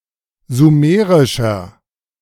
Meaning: 1. comparative degree of sumerisch 2. inflection of sumerisch: strong/mixed nominative masculine singular 3. inflection of sumerisch: strong genitive/dative feminine singular
- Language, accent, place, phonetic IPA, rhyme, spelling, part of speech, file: German, Germany, Berlin, [zuˈmeːʁɪʃɐ], -eːʁɪʃɐ, sumerischer, adjective, De-sumerischer.ogg